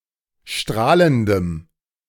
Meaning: strong dative masculine/neuter singular of strahlend
- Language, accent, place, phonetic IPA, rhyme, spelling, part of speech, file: German, Germany, Berlin, [ˈʃtʁaːləndəm], -aːləndəm, strahlendem, adjective, De-strahlendem.ogg